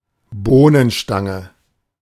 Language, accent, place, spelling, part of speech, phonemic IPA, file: German, Germany, Berlin, Bohnenstange, noun, /ˈboːnənˌʃtaŋə/, De-Bohnenstange.ogg
- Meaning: 1. beanpole; a thin pole for supporting bean vines 2. beanpole; a tall, thin person